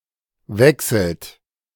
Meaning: inflection of wechseln: 1. third-person singular present 2. second-person plural present 3. plural imperative
- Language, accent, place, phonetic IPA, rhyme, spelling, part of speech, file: German, Germany, Berlin, [ˈvɛksl̩t], -ɛksl̩t, wechselt, verb, De-wechselt.ogg